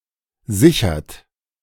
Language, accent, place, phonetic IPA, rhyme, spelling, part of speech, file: German, Germany, Berlin, [ˈzɪçɐt], -ɪçɐt, sichert, verb, De-sichert.ogg
- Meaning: inflection of sichern: 1. third-person singular present 2. second-person plural present 3. plural imperative